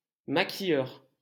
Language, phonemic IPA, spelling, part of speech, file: French, /ma.ki.jœʁ/, maquilleur, noun, LL-Q150 (fra)-maquilleur.wav
- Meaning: makeup artist / technician